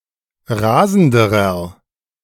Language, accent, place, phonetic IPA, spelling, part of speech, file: German, Germany, Berlin, [ˈʁaːzn̩dəʁɐ], rasenderer, adjective, De-rasenderer.ogg
- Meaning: inflection of rasend: 1. strong/mixed nominative masculine singular comparative degree 2. strong genitive/dative feminine singular comparative degree 3. strong genitive plural comparative degree